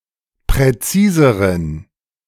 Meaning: inflection of präzis: 1. strong genitive masculine/neuter singular comparative degree 2. weak/mixed genitive/dative all-gender singular comparative degree
- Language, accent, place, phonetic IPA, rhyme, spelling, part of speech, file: German, Germany, Berlin, [pʁɛˈt͡siːzəʁən], -iːzəʁən, präziseren, adjective, De-präziseren.ogg